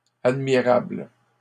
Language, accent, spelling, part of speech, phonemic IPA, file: French, Canada, admirables, adjective, /ad.mi.ʁabl/, LL-Q150 (fra)-admirables.wav
- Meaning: plural of admirable